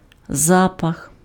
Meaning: smell, odor, scent (sensation)
- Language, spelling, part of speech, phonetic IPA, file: Ukrainian, запах, noun, [ˈzapɐx], Uk-запах.ogg